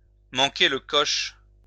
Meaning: to miss the boat, to miss the bus
- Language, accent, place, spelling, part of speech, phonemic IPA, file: French, France, Lyon, manquer le coche, verb, /mɑ̃.ke l(ə) kɔʃ/, LL-Q150 (fra)-manquer le coche.wav